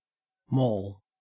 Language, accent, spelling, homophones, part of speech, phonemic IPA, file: English, Australia, mall, maul / moll, noun / verb, /mɔːl/, En-au-mall.ogg
- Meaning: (noun) 1. A pedestrianised street, especially a shopping precinct 2. An enclosed shopping centre 3. An alley where the game of pall mall was played 4. A public walk; a level shaded walk, a promenade